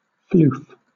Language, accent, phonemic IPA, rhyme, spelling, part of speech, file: English, Southern England, /fluːf/, -uːf, floof, verb / interjection / noun, LL-Q1860 (eng)-floof.wav
- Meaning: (verb) 1. To make something fluffy; to fluff (up) 2. To move in a floofy or fluffy manner; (interjection) Used to indicate the (supposed) sound of moving air, as in an explosion, a puff of smoke, etc